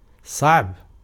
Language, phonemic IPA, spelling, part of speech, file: Arabic, /sˤaʕb/, صعب, adjective, Ar-صعب.ogg
- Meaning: laborious, hard, trying, awkward, difficult, complex